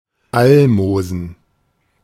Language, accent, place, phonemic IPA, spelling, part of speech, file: German, Germany, Berlin, /ˈalˌmoːzən/, Almosen, noun, De-Almosen.ogg
- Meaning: 1. alms 2. pittance